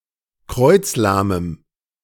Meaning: strong dative masculine/neuter singular of kreuzlahm
- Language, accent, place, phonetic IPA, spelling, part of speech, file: German, Germany, Berlin, [ˈkʁɔɪ̯t͡sˌlaːməm], kreuzlahmem, adjective, De-kreuzlahmem.ogg